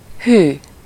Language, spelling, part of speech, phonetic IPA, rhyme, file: Hungarian, hű, adjective / interjection, [ˈhyː], -hyː, Hu-hű.ogg
- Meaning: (adjective) faithful; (interjection) 1. oh! (the expression of surprise or mild scare, or that of relief after realizing there was no real danger) 2. wow!